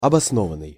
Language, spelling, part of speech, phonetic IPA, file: Russian, обоснованный, verb / adjective, [ɐbɐsˈnovən(ː)ɨj], Ru-обоснованный.ogg
- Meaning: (verb) past passive perfective participle of обоснова́ть (obosnovátʹ); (adjective) well-founded, grounded, valid, sound, justified